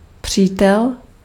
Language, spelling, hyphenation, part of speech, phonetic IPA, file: Czech, přítel, pří‧tel, noun, [ˈpr̝̊iːtɛl], Cs-přítel.ogg
- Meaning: 1. friend 2. supporter 3. relative, relation (someone in the same family) 4. boyfriend, lover